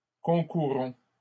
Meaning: inflection of concourir: 1. first-person plural present indicative 2. first-person plural imperative
- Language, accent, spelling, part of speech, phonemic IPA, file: French, Canada, concourons, verb, /kɔ̃.ku.ʁɔ̃/, LL-Q150 (fra)-concourons.wav